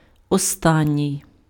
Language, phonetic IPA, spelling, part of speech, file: Ukrainian, [ɔˈstanʲːii̯], останній, adjective, Uk-останній.ogg
- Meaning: 1. last, final 2. latest, most recent